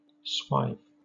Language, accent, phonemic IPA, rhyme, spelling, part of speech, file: English, Southern England, /swaɪv/, -aɪv, swive, verb, LL-Q1860 (eng)-swive.wav
- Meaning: 1. To have sex with (someone) 2. To cut a crop in a sweeping or rambling manner, hence to reap; cut for harvest